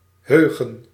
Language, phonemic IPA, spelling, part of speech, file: Dutch, /ˈɦøːɣə(n)/, heugen, verb, Nl-heugen.ogg
- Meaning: 1. to remember 2. to remain in one's memory 3. to remind